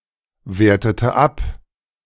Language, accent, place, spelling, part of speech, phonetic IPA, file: German, Germany, Berlin, wertete ab, verb, [ˌveːɐ̯tətə ˈap], De-wertete ab.ogg
- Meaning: inflection of abwerten: 1. first/third-person singular preterite 2. first/third-person singular subjunctive II